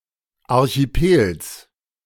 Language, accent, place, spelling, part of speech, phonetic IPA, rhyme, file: German, Germany, Berlin, Archipels, noun, [ˌaʁçiˈpeːls], -eːls, De-Archipels.ogg
- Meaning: genitive singular of Archipel